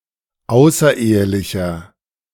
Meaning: inflection of außerehelich: 1. strong/mixed nominative masculine singular 2. strong genitive/dative feminine singular 3. strong genitive plural
- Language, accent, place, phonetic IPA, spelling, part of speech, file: German, Germany, Berlin, [ˈaʊ̯sɐˌʔeːəlɪçɐ], außerehelicher, adjective, De-außerehelicher.ogg